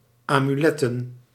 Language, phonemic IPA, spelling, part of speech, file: Dutch, /amyˈlɛtə(n)/, amuletten, noun, Nl-amuletten.ogg
- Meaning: plural of amulet